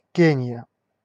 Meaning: Kenya (a country in East Africa)
- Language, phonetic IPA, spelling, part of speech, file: Russian, [ˈkʲenʲɪjə], Кения, proper noun, Ru-Кения.ogg